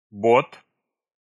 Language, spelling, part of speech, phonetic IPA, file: Russian, бот, noun, [bot], Ru-бот.ogg
- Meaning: 1. a type of small, single-masted sailing vessel or small motor vessel; boat 2. overshoe 3. a type of winter shoe with a zipper or Velcro fastener 4. bot